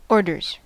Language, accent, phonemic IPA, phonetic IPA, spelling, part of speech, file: English, US, /ˈoɹ.dɚz/, [ˈoɹ.ɾɚz], orders, noun / verb, En-us-orders.ogg
- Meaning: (noun) plural of order; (verb) third-person singular simple present indicative of order